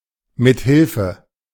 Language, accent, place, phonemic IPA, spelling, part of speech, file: German, Germany, Berlin, /mɪtˈhɪlfə/, mithilfe, preposition, De-mithilfe.ogg
- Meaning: by means of, with